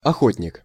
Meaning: 1. hunter 2. volunteer 3. lover (of), enthusiast (for)
- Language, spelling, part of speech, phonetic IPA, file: Russian, охотник, noun, [ɐˈxotʲnʲɪk], Ru-охотник.ogg